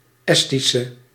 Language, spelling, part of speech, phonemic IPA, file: Dutch, Estische, adjective / noun, /ˈɛstisə/, Nl-Estische.ogg
- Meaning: inflection of Estisch: 1. masculine/feminine singular attributive 2. definite neuter singular attributive 3. plural attributive